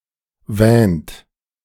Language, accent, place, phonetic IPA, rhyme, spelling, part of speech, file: German, Germany, Berlin, [vɛːnt], -ɛːnt, wähnt, verb, De-wähnt.ogg
- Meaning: inflection of wähnen: 1. second-person plural present 2. third-person singular present 3. plural imperative